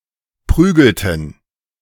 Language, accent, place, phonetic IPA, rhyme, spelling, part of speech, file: German, Germany, Berlin, [ˈpʁyːɡl̩tn̩], -yːɡl̩tn̩, prügelten, verb, De-prügelten.ogg
- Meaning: inflection of prügeln: 1. first/third-person plural preterite 2. first/third-person plural subjunctive II